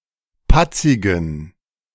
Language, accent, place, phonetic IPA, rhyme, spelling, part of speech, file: German, Germany, Berlin, [ˈpat͡sɪɡn̩], -at͡sɪɡn̩, patzigen, adjective, De-patzigen.ogg
- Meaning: inflection of patzig: 1. strong genitive masculine/neuter singular 2. weak/mixed genitive/dative all-gender singular 3. strong/weak/mixed accusative masculine singular 4. strong dative plural